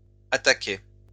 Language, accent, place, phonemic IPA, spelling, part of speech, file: French, France, Lyon, /a.ta.kɛ/, attaquait, verb, LL-Q150 (fra)-attaquait.wav
- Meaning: third-person singular imperfect indicative of attaquer